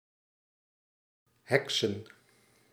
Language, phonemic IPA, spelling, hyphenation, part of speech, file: Dutch, /ˈɦɛk.sə(n)/, heksen, hek‧sen, verb / noun, Nl-heksen.ogg
- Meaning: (verb) 1. to employ witchcraft; to hex, bewitch 2. to perform amazingly, as if disposing of witchcraft; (noun) plural of heks